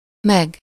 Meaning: 1. and 2. plus (sum of the previous one and the following one)
- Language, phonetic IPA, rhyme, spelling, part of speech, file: Hungarian, [ˈmɛɡ], -ɛɡ, meg, conjunction, Hu-meg.ogg